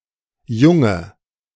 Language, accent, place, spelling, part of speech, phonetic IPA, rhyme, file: German, Germany, Berlin, junge, adjective, [ˈjʊŋə], -ʊŋə, De-junge.ogg
- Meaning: inflection of jung: 1. strong/mixed nominative/accusative feminine singular 2. strong nominative/accusative plural 3. weak nominative all-gender singular 4. weak accusative feminine/neuter singular